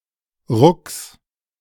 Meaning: genitive singular of Ruck
- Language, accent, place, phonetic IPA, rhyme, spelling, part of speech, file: German, Germany, Berlin, [ʁʊks], -ʊks, Rucks, noun, De-Rucks.ogg